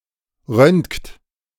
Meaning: inflection of röntgen: 1. third-person singular present 2. second-person plural present 3. plural imperative
- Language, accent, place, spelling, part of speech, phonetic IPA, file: German, Germany, Berlin, röntgt, verb, [ʁœntkt], De-röntgt.ogg